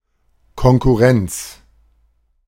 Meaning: 1. competition (act of competing) 2. competitors, competition (rival businesses)
- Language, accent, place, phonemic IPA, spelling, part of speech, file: German, Germany, Berlin, /kɔnkʊˈʁɛnt͡s/, Konkurrenz, noun, De-Konkurrenz.ogg